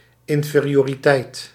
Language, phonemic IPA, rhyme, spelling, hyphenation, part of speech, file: Dutch, /ˌɪn.feː.ri.oː.riˈtɛi̯t/, -ɛi̯t, inferioriteit, in‧fe‧ri‧o‧ri‧teit, noun, Nl-inferioriteit.ogg
- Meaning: inferiority